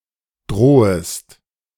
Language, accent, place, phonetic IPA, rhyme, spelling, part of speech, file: German, Germany, Berlin, [ˈdʁoːəst], -oːəst, drohest, verb, De-drohest.ogg
- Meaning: second-person singular subjunctive I of drohen